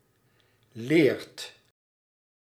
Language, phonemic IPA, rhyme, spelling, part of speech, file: Dutch, /leːrt/, -eːrt, leert, verb, Nl-leert.ogg
- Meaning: inflection of leren: 1. second/third-person singular present indicative 2. plural imperative